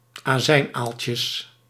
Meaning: plural of azijnaaltje
- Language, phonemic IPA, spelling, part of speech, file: Dutch, /aˈzɛinalcəs/, azijnaaltjes, noun, Nl-azijnaaltjes.ogg